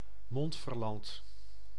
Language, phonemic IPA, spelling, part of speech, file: Dutch, /ˈmɔnt.fərˌlɑnt/, Montferland, proper noun, Nl-Montferland.ogg
- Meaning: Montferland (a municipality of Gelderland, Netherlands)